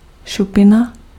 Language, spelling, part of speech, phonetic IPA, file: Czech, šupina, noun, [ˈʃupɪna], Cs-šupina.ogg
- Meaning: scale (keratin pieces covering the skin of certain animals)